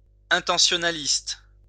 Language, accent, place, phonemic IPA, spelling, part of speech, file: French, France, Lyon, /ɛ̃.tɑ̃.sjɔ.na.list/, intentionnaliste, adjective / noun, LL-Q150 (fra)-intentionnaliste.wav
- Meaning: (adjective) intentionalist